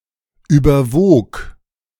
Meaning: first/third-person singular preterite of überwiegen
- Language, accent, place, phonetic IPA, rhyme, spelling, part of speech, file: German, Germany, Berlin, [ˌyːbɐˈvoːk], -oːk, überwog, verb, De-überwog.ogg